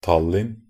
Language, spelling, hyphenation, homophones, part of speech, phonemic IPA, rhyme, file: Norwegian Bokmål, Tallinn, Tal‧linn, Tallin, proper noun, /ˈtalːɪn/, -ɪn, Nb-tallinn.ogg
- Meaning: Tallinn (the capital city of Harju, Estonia)